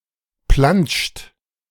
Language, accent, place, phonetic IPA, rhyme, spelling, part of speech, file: German, Germany, Berlin, [plant͡ʃt], -ant͡ʃt, plantscht, verb, De-plantscht.ogg
- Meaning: inflection of plantschen: 1. third-person singular present 2. second-person plural present 3. plural imperative